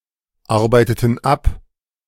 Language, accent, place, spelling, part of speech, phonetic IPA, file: German, Germany, Berlin, arbeiteten ab, verb, [ˌaʁbaɪ̯tətn̩ ˈap], De-arbeiteten ab.ogg
- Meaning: inflection of abarbeiten: 1. first/third-person plural preterite 2. first/third-person plural subjunctive II